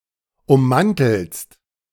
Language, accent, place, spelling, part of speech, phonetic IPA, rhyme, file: German, Germany, Berlin, ummanteltest, verb, [ʊmˈmantl̩təst], -antl̩təst, De-ummanteltest.ogg
- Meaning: inflection of ummanteln: 1. second-person singular preterite 2. second-person singular subjunctive II